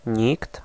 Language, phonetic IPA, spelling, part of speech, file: Polish, [ɲikt], nikt, pronoun, Pl-nikt.ogg